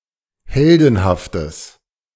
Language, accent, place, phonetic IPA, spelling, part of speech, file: German, Germany, Berlin, [ˈhɛldn̩haftəs], heldenhaftes, adjective, De-heldenhaftes.ogg
- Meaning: strong/mixed nominative/accusative neuter singular of heldenhaft